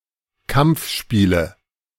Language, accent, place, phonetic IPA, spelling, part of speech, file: German, Germany, Berlin, [ˈkamp͡fˌʃpiːlə], Kampfspiele, noun, De-Kampfspiele.ogg
- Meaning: nominative/accusative/genitive plural of Kampfspiel